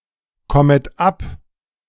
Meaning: second-person plural subjunctive I of abkommen
- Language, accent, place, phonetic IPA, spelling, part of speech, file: German, Germany, Berlin, [ˌkɔmət ˈap], kommet ab, verb, De-kommet ab.ogg